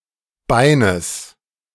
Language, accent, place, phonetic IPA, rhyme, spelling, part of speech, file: German, Germany, Berlin, [ˈbaɪ̯nəs], -aɪ̯nəs, Beines, noun, De-Beines.ogg
- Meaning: genitive singular of Bein